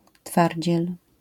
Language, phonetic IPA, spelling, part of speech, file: Polish, [ˈtfarʲd͡ʑɛl], twardziel, noun, LL-Q809 (pol)-twardziel.wav